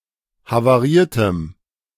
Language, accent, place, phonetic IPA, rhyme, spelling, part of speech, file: German, Germany, Berlin, [havaˈʁiːɐ̯təm], -iːɐ̯təm, havariertem, adjective, De-havariertem.ogg
- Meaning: strong dative masculine/neuter singular of havariert